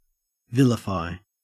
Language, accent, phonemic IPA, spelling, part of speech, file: English, Australia, /ˈvɪl.ɪ.faɪ/, vilify, verb, En-au-vilify.ogg
- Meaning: 1. To say defamatory things about someone or something; to speak ill of 2. To belittle through speech; to put down